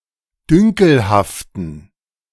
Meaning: inflection of dünkelhaft: 1. strong genitive masculine/neuter singular 2. weak/mixed genitive/dative all-gender singular 3. strong/weak/mixed accusative masculine singular 4. strong dative plural
- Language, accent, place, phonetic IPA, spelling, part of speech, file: German, Germany, Berlin, [ˈdʏŋkl̩haftn̩], dünkelhaften, adjective, De-dünkelhaften.ogg